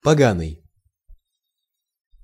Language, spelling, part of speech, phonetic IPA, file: Russian, поганый, adjective, [pɐˈɡanɨj], Ru-поганый.ogg
- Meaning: 1. heathen 2. foul, unclean 3. lousy, nasty, rotten 4. poisonous